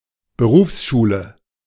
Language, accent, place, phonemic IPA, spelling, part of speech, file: German, Germany, Berlin, /ˌbəˈʁuːfsˌʃuːlə/, Berufsschule, noun, De-Berufsschule.ogg
- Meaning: vocational school